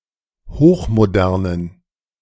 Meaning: inflection of hochmodern: 1. strong genitive masculine/neuter singular 2. weak/mixed genitive/dative all-gender singular 3. strong/weak/mixed accusative masculine singular 4. strong dative plural
- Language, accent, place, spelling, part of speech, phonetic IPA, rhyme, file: German, Germany, Berlin, hochmodernen, adjective, [ˌhoːxmoˈdɛʁnən], -ɛʁnən, De-hochmodernen.ogg